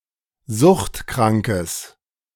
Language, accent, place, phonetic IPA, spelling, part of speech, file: German, Germany, Berlin, [ˈzʊxtˌkʁaŋkəs], suchtkrankes, adjective, De-suchtkrankes.ogg
- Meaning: strong/mixed nominative/accusative neuter singular of suchtkrank